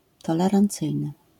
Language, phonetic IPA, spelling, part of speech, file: Polish, [ˌtɔlɛrãnˈt͡sɨjnɨ], tolerancyjny, adjective, LL-Q809 (pol)-tolerancyjny.wav